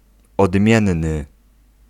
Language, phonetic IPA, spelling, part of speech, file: Polish, [ɔdˈmʲjɛ̃nːɨ], odmienny, adjective, Pl-odmienny.ogg